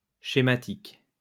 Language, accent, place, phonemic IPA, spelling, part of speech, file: French, France, Lyon, /ʃe.ma.tik/, schématique, adjective, LL-Q150 (fra)-schématique.wav
- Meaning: schematic